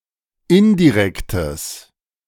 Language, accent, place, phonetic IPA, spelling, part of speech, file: German, Germany, Berlin, [ˈɪndiˌʁɛktəs], indirektes, adjective, De-indirektes.ogg
- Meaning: strong/mixed nominative/accusative neuter singular of indirekt